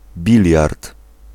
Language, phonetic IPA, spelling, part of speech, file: Polish, [ˈbʲilʲjart], biliard, noun, Pl-biliard.ogg